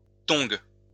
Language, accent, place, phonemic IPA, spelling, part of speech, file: French, France, Lyon, /tɔ̃ɡ/, tong, noun, LL-Q150 (fra)-tong.wav
- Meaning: flip-flop, thong